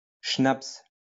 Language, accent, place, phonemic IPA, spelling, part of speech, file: French, France, Lyon, /ʃnaps/, schnaps, noun, LL-Q150 (fra)-schnaps.wav
- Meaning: schnaps (also spelled schnapps in English)